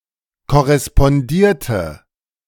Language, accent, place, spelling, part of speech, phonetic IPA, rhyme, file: German, Germany, Berlin, korrespondierte, verb, [kɔʁɛspɔnˈdiːɐ̯tə], -iːɐ̯tə, De-korrespondierte.ogg
- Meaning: inflection of korrespondieren: 1. first/third-person singular preterite 2. first/third-person singular subjunctive II